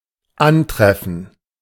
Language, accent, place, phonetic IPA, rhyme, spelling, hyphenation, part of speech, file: German, Germany, Berlin, [ˈanˌtʁɛfn̩], -ɛfn̩, antreffen, an‧tref‧fen, verb, De-antreffen.ogg
- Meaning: 1. to come across 2. to meet